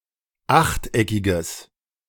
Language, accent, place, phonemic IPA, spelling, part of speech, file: German, Germany, Berlin, /ˈaxtˌʔɛkɪɡəs/, achteckiges, adjective, De-achteckiges.ogg
- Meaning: strong/mixed nominative/accusative neuter singular of achteckig